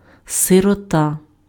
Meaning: 1. orphan 2. unfortunate person 3. in medieval Russia, various categories of feudal peasant 4. goosebumps
- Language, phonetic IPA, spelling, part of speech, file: Ukrainian, [serɔˈta], сирота, noun, Uk-сирота.ogg